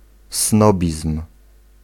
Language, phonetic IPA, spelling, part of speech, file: Polish, [ˈsnɔbʲism̥], snobizm, noun, Pl-snobizm.ogg